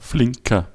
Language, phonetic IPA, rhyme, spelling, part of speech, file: German, [ˈflɪŋkɐ], -ɪŋkɐ, flinker, adjective, De-flinker.ogg
- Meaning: inflection of flink: 1. strong/mixed nominative masculine singular 2. strong genitive/dative feminine singular 3. strong genitive plural